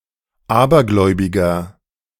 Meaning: 1. comparative degree of abergläubig 2. inflection of abergläubig: strong/mixed nominative masculine singular 3. inflection of abergläubig: strong genitive/dative feminine singular
- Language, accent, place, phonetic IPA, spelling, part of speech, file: German, Germany, Berlin, [ˈaːbɐˌɡlɔɪ̯bɪɡɐ], abergläubiger, adjective, De-abergläubiger.ogg